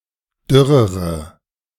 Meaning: inflection of dürr: 1. strong/mixed nominative/accusative feminine singular comparative degree 2. strong nominative/accusative plural comparative degree
- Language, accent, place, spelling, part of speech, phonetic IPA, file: German, Germany, Berlin, dürrere, adjective, [ˈdʏʁəʁə], De-dürrere.ogg